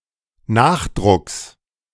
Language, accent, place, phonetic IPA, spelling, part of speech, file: German, Germany, Berlin, [ˈnaːxˌdʁʊks], Nachdrucks, noun, De-Nachdrucks.ogg
- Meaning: genitive singular of Nachdruck